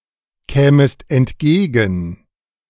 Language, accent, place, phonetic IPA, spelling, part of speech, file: German, Germany, Berlin, [ˌkɛːməst ɛntˈɡeːɡn̩], kämest entgegen, verb, De-kämest entgegen.ogg
- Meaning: second-person singular subjunctive II of entgegenkommen